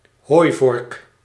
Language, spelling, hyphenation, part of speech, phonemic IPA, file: Dutch, hooivork, hooi‧vork, noun, /ˈɦoːi̯.vɔrk/, Nl-hooivork.ogg
- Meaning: pitchfork